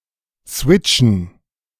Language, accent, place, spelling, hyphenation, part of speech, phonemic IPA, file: German, Germany, Berlin, switchen, swit‧chen, verb, /ˈsvɪt͡ʃn̩/, De-switchen.ogg
- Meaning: to code-switch